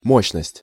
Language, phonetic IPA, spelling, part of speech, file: Russian, [ˈmoɕːnəsʲtʲ], мощность, noun, Ru-мощность.ogg
- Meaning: 1. power, capacity, rating 2. cardinality